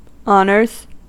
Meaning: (noun) plural of honor; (verb) third-person singular simple present indicative of honor; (adjective) At an excelling level in academics
- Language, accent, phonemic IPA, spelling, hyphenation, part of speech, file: English, US, /ˈɑn.ɚz/, honors, hon‧ors, noun / verb / adjective, En-us-honors.ogg